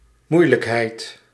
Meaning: difficulty
- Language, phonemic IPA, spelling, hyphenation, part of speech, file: Dutch, /ˈmui̯.ləkˌɦɛi̯t/, moeilijkheid, moei‧lijk‧heid, noun, Nl-moeilijkheid.ogg